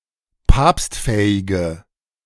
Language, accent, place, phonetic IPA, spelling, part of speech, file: German, Germany, Berlin, [ˈpaːpstˌfɛːɪɡə], papstfähige, adjective, De-papstfähige.ogg
- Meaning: inflection of papstfähig: 1. strong/mixed nominative/accusative feminine singular 2. strong nominative/accusative plural 3. weak nominative all-gender singular